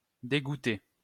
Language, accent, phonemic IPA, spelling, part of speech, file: French, France, /de.ɡu.te/, dégouté, verb, LL-Q150 (fra)-dégouté.wav
- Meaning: past participle of dégouter